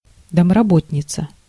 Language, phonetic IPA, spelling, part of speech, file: Russian, [dəmrɐˈbotʲnʲɪt͡sə], домработница, noun, Ru-домработница.ogg
- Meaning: housekeeper